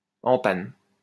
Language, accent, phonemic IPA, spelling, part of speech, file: French, France, /ɑ̃ pan/, en panne, adjective, LL-Q150 (fra)-en panne.wav
- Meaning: broken, broken-down, out of order